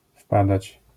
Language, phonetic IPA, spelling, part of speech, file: Polish, [ˈfpadat͡ɕ], wpadać, verb, LL-Q809 (pol)-wpadać.wav